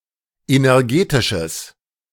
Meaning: strong/mixed nominative/accusative neuter singular of energetisch
- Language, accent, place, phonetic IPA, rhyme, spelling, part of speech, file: German, Germany, Berlin, [ˌenɛʁˈɡeːtɪʃəs], -eːtɪʃəs, energetisches, adjective, De-energetisches.ogg